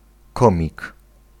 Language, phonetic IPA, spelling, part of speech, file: Polish, [ˈkɔ̃mʲik], komik, noun, Pl-komik.ogg